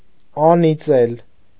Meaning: to curse, damn
- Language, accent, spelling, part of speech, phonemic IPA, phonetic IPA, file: Armenian, Eastern Armenian, անիծել, verb, /ɑniˈt͡sel/, [ɑnit͡sél], Hy-անիծել.ogg